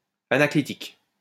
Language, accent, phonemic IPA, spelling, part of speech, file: French, France, /a.na.kli.tik/, anaclitique, adjective, LL-Q150 (fra)-anaclitique.wav
- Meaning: anaclitic